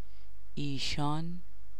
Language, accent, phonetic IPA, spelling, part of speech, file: Persian, Iran, [ʔiː.ʃɒ́ːn], ایشان, noun / pronoun, Fa-ایشان.ogg
- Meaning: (noun) ishan; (pronoun) 1. they (with an animate, rational referent) 2. he, she